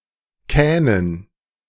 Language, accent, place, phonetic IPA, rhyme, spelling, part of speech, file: German, Germany, Berlin, [ˈkɛːnən], -ɛːnən, Kähnen, noun, De-Kähnen.ogg
- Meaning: dative plural of Kahn